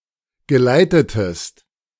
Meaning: inflection of geleiten: 1. second-person singular preterite 2. second-person singular subjunctive II
- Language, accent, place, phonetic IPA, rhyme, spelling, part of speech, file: German, Germany, Berlin, [ɡəˈlaɪ̯tətəst], -aɪ̯tətəst, geleitetest, verb, De-geleitetest.ogg